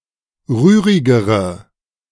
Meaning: inflection of rührig: 1. strong/mixed nominative/accusative feminine singular comparative degree 2. strong nominative/accusative plural comparative degree
- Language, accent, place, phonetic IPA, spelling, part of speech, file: German, Germany, Berlin, [ˈʁyːʁɪɡəʁə], rührigere, adjective, De-rührigere.ogg